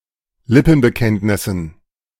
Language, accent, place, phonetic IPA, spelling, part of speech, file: German, Germany, Berlin, [ˈlɪpn̩bəˌkɛntnɪsn̩], Lippenbekenntnissen, noun, De-Lippenbekenntnissen.ogg
- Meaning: dative plural of Lippenbekenntnis